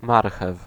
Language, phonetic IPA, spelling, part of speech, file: Polish, [ˈmarxɛf], marchew, noun, Pl-marchew.ogg